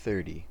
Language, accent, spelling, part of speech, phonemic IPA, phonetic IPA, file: English, US, thirty, numeral / noun, /ˈθɝti/, [ˈθɝɾi], En-us-thirty.ogg
- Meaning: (numeral) The cardinal number occurring after twenty-nine and before thirty-one, represented in Arabic numerals as 30; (noun) 1. A rack of thirty beers 2. A commercial lasting 30 seconds